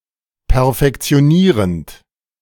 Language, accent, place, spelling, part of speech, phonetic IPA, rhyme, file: German, Germany, Berlin, perfektionierend, verb, [pɛɐ̯fɛkt͡si̯oˈniːʁənt], -iːʁənt, De-perfektionierend.ogg
- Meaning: present participle of perfektionieren